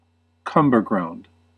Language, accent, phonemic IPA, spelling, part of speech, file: English, US, /ˈkʌm.bɚ.ɡɹaʊnd/, cumberground, noun, En-us-cumberground.ogg
- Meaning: Any totally worthless object or person; something that is just in the way